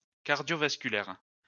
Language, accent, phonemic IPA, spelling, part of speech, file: French, France, /kaʁ.djɔ.vas.ky.lɛʁ/, cardiovasculaire, adjective, LL-Q150 (fra)-cardiovasculaire.wav
- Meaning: of the circulatory system; cardiovascular